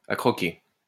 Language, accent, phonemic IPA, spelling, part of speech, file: French, France, /a kʁɔ.ke/, à croquer, adverb / adjective, LL-Q150 (fra)-à croquer.wav
- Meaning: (adverb) emphasizes an individual's attractiveness; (adjective) cute, (very) pretty